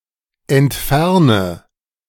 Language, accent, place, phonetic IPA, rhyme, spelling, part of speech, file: German, Germany, Berlin, [ɛntˈfɛʁnə], -ɛʁnə, entferne, verb, De-entferne.ogg
- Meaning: inflection of entfernen: 1. first-person singular present 2. singular imperative 3. first/third-person singular subjunctive I